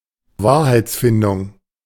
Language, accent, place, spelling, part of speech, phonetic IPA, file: German, Germany, Berlin, Wahrheitsfindung, noun, [ˈvaːɐ̯haɪ̯t͡sˌfɪndʊŋ], De-Wahrheitsfindung.ogg
- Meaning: the act or process of finding the truth